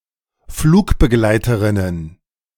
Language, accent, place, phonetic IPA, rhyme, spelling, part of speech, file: German, Germany, Berlin, [ˈfluːkbəˌɡlaɪ̯təʁɪnən], -uːkbəɡlaɪ̯təʁɪnən, Flugbegleiterinnen, noun, De-Flugbegleiterinnen.ogg
- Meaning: plural of Flugbegleiterin